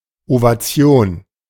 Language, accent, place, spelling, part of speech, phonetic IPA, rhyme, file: German, Germany, Berlin, Ovation, noun, [ovaˈt͡si̯oːn], -oːn, De-Ovation.ogg
- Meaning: ovation, applause